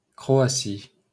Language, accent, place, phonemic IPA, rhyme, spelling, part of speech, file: French, France, Paris, /kʁo.a.si/, -i, Croatie, proper noun, LL-Q150 (fra)-Croatie.wav
- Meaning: Croatia (a country on the Balkan Peninsula in Southeastern Europe; official name: La République de Croatie)